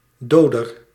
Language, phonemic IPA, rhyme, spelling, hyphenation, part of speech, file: Dutch, /ˈdoː.dər/, -oːdər, doder, do‧der, noun, Nl-doder.ogg
- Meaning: killer